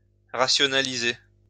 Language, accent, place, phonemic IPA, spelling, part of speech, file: French, France, Lyon, /ʁa.sjɔ.na.li.ze/, rationaliser, verb, LL-Q150 (fra)-rationaliser.wav
- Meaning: 1. to rationalize 2. to streamline (to make more efficient)